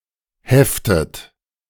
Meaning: inflection of heften: 1. second-person plural present 2. second-person plural subjunctive I 3. third-person singular present 4. plural imperative
- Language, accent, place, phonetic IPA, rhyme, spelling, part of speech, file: German, Germany, Berlin, [ˈhɛftət], -ɛftət, heftet, verb, De-heftet.ogg